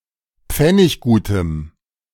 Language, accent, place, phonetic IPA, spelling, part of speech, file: German, Germany, Berlin, [ˈp͡fɛnɪçɡuːtəm], pfenniggutem, adjective, De-pfenniggutem.ogg
- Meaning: strong dative masculine/neuter singular of pfenniggut